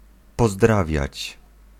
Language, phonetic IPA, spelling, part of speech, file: Polish, [pɔˈzdravʲjät͡ɕ], pozdrawiać, verb, Pl-pozdrawiać.ogg